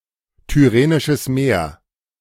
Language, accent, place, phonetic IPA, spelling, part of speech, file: German, Germany, Berlin, [tʏˈʁeːnɪʃəs ˈmeːɐ̯], Tyrrhenisches Meer, proper noun, De-Tyrrhenisches Meer.ogg
- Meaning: Tyrrhene Sea, Tyrrhenian Sea (part of the Mediterranean Sea)